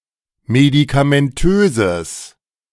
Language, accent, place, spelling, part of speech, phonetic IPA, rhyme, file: German, Germany, Berlin, medikamentöses, adjective, [medikamɛnˈtøːzəs], -øːzəs, De-medikamentöses.ogg
- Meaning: strong/mixed nominative/accusative neuter singular of medikamentös